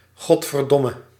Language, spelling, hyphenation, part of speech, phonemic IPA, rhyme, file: Dutch, godverdomme, god‧ver‧dom‧me, interjection, /ˌɣɔt.vərˈdɔ.mə/, -ɔmə, Nl-godverdomme.ogg
- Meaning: 1. Goddamn! 2. fuck!